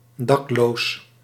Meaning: homeless
- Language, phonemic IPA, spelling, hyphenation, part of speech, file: Dutch, /ˈdɑk.loːs/, dakloos, dak‧loos, adjective, Nl-dakloos.ogg